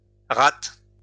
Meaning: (noun) plural of rate; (verb) second-person singular present indicative/subjunctive of rater
- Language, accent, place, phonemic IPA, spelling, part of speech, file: French, France, Lyon, /ʁat/, rates, noun / verb, LL-Q150 (fra)-rates.wav